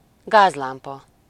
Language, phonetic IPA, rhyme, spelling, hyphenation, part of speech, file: Hungarian, [ˈɡaːzlaːmpɒ], -pɒ, gázlámpa, gáz‧lám‧pa, noun, Hu-gázlámpa.ogg
- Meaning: gaslight (UK), gas lamp (US) (a lamp which operates by burning gas)